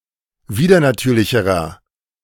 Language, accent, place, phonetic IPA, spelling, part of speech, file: German, Germany, Berlin, [ˈviːdɐnaˌtyːɐ̯lɪçəʁɐ], widernatürlicherer, adjective, De-widernatürlicherer.ogg
- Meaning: inflection of widernatürlich: 1. strong/mixed nominative masculine singular comparative degree 2. strong genitive/dative feminine singular comparative degree